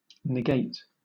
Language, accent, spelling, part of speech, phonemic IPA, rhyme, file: English, Southern England, negate, verb, /nɪˈɡeɪt/, -eɪt, LL-Q1860 (eng)-negate.wav
- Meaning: 1. To deny the existence, evidence, or truth of; to contradict 2. To nullify or cause to be ineffective 3. To be negative; bring or cause negative results 4. To perform the NOT operation on